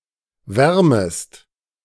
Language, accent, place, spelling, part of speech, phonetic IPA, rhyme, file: German, Germany, Berlin, wärmest, verb, [ˈvɛʁməst], -ɛʁməst, De-wärmest.ogg
- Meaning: second-person singular subjunctive I of wärmen